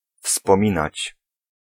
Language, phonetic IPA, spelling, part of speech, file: Polish, [fspɔ̃ˈmʲĩnat͡ɕ], wspominać, verb, Pl-wspominać.ogg